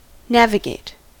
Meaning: 1. To plan, control and record the position and course of a vehicle, ship, aircraft, etc., on a journey; to follow a planned course 2. To give directions, as from a map, to someone driving a vehicle
- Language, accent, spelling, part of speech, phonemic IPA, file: English, US, navigate, verb, /ˈnæv.ɪ.ɡeɪt/, En-us-navigate.ogg